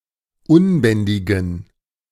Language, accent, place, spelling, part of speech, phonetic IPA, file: German, Germany, Berlin, unbändigen, adjective, [ˈʊnˌbɛndɪɡn̩], De-unbändigen.ogg
- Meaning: inflection of unbändig: 1. strong genitive masculine/neuter singular 2. weak/mixed genitive/dative all-gender singular 3. strong/weak/mixed accusative masculine singular 4. strong dative plural